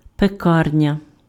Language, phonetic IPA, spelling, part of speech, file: Ukrainian, [peˈkarnʲɐ], пекарня, noun, Uk-пекарня.ogg
- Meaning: bakery